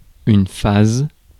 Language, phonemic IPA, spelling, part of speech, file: French, /faz/, phase, noun, Fr-phase.ogg
- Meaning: phase